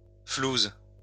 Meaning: dosh, dough, bread
- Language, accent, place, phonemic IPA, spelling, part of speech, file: French, France, Lyon, /fluz/, flouse, noun, LL-Q150 (fra)-flouse.wav